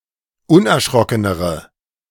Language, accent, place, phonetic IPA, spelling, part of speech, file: German, Germany, Berlin, [ˈʊnʔɛɐ̯ˌʃʁɔkənəʁə], unerschrockenere, adjective, De-unerschrockenere.ogg
- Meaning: inflection of unerschrocken: 1. strong/mixed nominative/accusative feminine singular comparative degree 2. strong nominative/accusative plural comparative degree